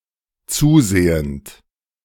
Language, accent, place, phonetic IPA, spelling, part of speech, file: German, Germany, Berlin, [ˈt͡suːˌzeːənt], zusehend, verb, De-zusehend.ogg
- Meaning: present participle of zusehen